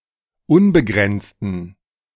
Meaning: inflection of unbegrenzt: 1. strong genitive masculine/neuter singular 2. weak/mixed genitive/dative all-gender singular 3. strong/weak/mixed accusative masculine singular 4. strong dative plural
- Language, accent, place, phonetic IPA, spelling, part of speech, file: German, Germany, Berlin, [ˈʊnbəˌɡʁɛnt͡stn̩], unbegrenzten, adjective, De-unbegrenzten.ogg